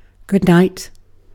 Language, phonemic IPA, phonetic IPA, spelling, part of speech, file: English, /ɡʊd ˈnaɪt/, [ɡʊd̚ˈnäɪt], good night, phrase, En-uk-good night.ogg
- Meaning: 1. A farewell said in the evening or before going to sleep 2. Expressing incredulity